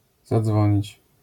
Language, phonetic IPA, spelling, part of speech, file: Polish, [zaˈd͡zvɔ̃ɲit͡ɕ], zadzwonić, verb, LL-Q809 (pol)-zadzwonić.wav